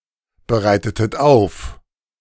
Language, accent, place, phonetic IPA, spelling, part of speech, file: German, Germany, Berlin, [bəˌʁaɪ̯tətət ˈaʊ̯f], bereitetet auf, verb, De-bereitetet auf.ogg
- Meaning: inflection of aufbereiten: 1. second-person plural preterite 2. second-person plural subjunctive II